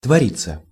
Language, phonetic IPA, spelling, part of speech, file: Russian, [tvɐˈrʲit͡sːə], твориться, verb, Ru-твориться.ogg
- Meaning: 1. to go on, to happen 2. passive of твори́ть (tvorítʹ)